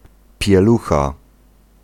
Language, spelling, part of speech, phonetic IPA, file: Polish, pielucha, noun, [pʲjɛˈluxa], Pl-pielucha.ogg